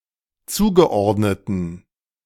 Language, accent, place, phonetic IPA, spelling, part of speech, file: German, Germany, Berlin, [ˈt͡suːɡəˌʔɔʁdnətn̩], zugeordneten, adjective, De-zugeordneten.ogg
- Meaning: inflection of zugeordnet: 1. strong genitive masculine/neuter singular 2. weak/mixed genitive/dative all-gender singular 3. strong/weak/mixed accusative masculine singular 4. strong dative plural